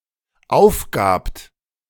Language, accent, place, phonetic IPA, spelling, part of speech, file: German, Germany, Berlin, [ˈaʊ̯fˌɡaːpt], aufgabt, verb, De-aufgabt.ogg
- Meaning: second-person plural dependent preterite of aufgeben